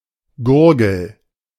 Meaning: gullet, throat
- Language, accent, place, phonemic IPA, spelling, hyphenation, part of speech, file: German, Germany, Berlin, /ˈɡʊrɡəl/, Gurgel, Gur‧gel, noun, De-Gurgel.ogg